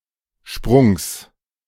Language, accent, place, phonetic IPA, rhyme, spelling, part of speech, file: German, Germany, Berlin, [ʃpʁʊŋs], -ʊŋs, Sprungs, noun, De-Sprungs.ogg
- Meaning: genitive singular of Sprung